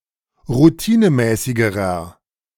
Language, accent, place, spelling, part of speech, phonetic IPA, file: German, Germany, Berlin, routinemäßigerer, adjective, [ʁuˈtiːnəˌmɛːsɪɡəʁɐ], De-routinemäßigerer.ogg
- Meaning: inflection of routinemäßig: 1. strong/mixed nominative masculine singular comparative degree 2. strong genitive/dative feminine singular comparative degree 3. strong genitive plural comparative degree